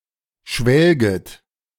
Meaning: second-person plural subjunctive I of schwelgen
- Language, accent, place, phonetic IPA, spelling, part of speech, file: German, Germany, Berlin, [ˈʃvɛlɡət], schwelget, verb, De-schwelget.ogg